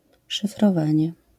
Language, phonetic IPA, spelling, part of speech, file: Polish, [ˌʃɨfrɔˈvãɲɛ], szyfrowanie, noun, LL-Q809 (pol)-szyfrowanie.wav